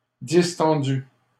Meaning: masculine plural of distendu
- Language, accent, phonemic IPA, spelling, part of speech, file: French, Canada, /dis.tɑ̃.dy/, distendus, adjective, LL-Q150 (fra)-distendus.wav